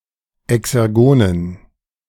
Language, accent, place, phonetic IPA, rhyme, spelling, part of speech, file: German, Germany, Berlin, [ɛksɛʁˈɡoːnən], -oːnən, exergonen, adjective, De-exergonen.ogg
- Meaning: inflection of exergon: 1. strong genitive masculine/neuter singular 2. weak/mixed genitive/dative all-gender singular 3. strong/weak/mixed accusative masculine singular 4. strong dative plural